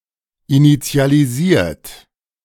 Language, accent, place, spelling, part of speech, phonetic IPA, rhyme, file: German, Germany, Berlin, initialisiert, verb, [init͡si̯aliˈziːɐ̯t], -iːɐ̯t, De-initialisiert.ogg
- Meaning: 1. past participle of initialisieren 2. inflection of initialisieren: third-person singular present 3. inflection of initialisieren: second-person plural present